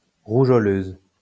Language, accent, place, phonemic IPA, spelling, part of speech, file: French, France, Lyon, /ʁu.ʒɔ.løz/, rougeoleuse, adjective, LL-Q150 (fra)-rougeoleuse.wav
- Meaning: feminine singular of rougeoleux